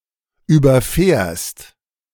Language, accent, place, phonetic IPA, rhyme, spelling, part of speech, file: German, Germany, Berlin, [ˌyːbɐˈfɛːɐ̯st], -ɛːɐ̯st, überfährst, verb, De-überfährst.ogg
- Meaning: second-person singular present of überfahren